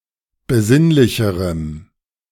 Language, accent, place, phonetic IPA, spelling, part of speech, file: German, Germany, Berlin, [bəˈzɪnlɪçəʁəm], besinnlicherem, adjective, De-besinnlicherem.ogg
- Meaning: strong dative masculine/neuter singular comparative degree of besinnlich